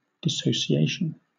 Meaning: The act of dissociating or disuniting; a state of separation; disunion
- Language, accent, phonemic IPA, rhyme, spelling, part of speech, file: English, Southern England, /dɪˌsəʊʃiˈeɪʃən/, -eɪʃən, dissociation, noun, LL-Q1860 (eng)-dissociation.wav